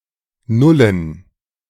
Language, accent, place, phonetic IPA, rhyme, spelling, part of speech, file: German, Germany, Berlin, [ˈnʊlən], -ʊlən, Nullen, noun, De-Nullen.ogg
- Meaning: plural of Null